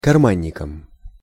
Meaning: instrumental singular of карма́нник (karmánnik)
- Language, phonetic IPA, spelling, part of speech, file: Russian, [kɐrˈmanʲːɪkəm], карманником, noun, Ru-карманником.ogg